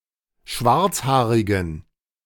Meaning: inflection of schwarzhaarig: 1. strong genitive masculine/neuter singular 2. weak/mixed genitive/dative all-gender singular 3. strong/weak/mixed accusative masculine singular 4. strong dative plural
- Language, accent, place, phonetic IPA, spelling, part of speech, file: German, Germany, Berlin, [ˈʃvaʁt͡sˌhaːʁɪɡn̩], schwarzhaarigen, adjective, De-schwarzhaarigen.ogg